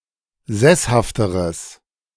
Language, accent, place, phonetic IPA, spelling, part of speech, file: German, Germany, Berlin, [ˈzɛshaftəʁəs], sesshafteres, adjective, De-sesshafteres.ogg
- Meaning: strong/mixed nominative/accusative neuter singular comparative degree of sesshaft